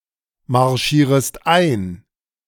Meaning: second-person singular subjunctive I of einmarschieren
- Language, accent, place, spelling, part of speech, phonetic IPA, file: German, Germany, Berlin, marschierest ein, verb, [maʁˌʃiːʁəst ˈaɪ̯n], De-marschierest ein.ogg